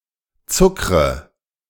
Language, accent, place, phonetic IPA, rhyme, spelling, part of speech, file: German, Germany, Berlin, [ˈt͡sʊkʁə], -ʊkʁə, zuckre, verb, De-zuckre.ogg
- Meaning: inflection of zuckern: 1. first-person singular present 2. first/third-person singular subjunctive I 3. singular imperative